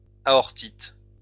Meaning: aortitis
- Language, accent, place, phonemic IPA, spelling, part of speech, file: French, France, Lyon, /a.ɔʁ.tit/, aortite, noun, LL-Q150 (fra)-aortite.wav